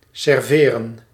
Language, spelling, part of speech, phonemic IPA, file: Dutch, serveren, verb, /sɛrˈverə(n)/, Nl-serveren.ogg
- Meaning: to serve